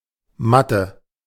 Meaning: math, maths (short form of mathematics)
- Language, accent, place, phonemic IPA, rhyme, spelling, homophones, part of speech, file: German, Germany, Berlin, /ˈmatə/, -atə, Mathe, Matte, noun, De-Mathe.ogg